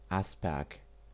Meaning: Asperg (a town in Baden-Württemberg, Germany)
- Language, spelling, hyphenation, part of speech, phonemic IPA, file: German, Asperg, As‧perg, proper noun, /ˈaspɛʁk/, Asperg.ogg